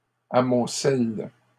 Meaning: second-person singular present indicative/subjunctive of amonceler
- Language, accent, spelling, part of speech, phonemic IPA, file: French, Canada, amoncelles, verb, /a.mɔ̃.sɛl/, LL-Q150 (fra)-amoncelles.wav